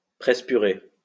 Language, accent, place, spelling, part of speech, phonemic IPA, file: French, France, Lyon, presse-purée, noun, /pʁɛs.py.ʁe/, LL-Q150 (fra)-presse-purée.wav
- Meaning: potato masher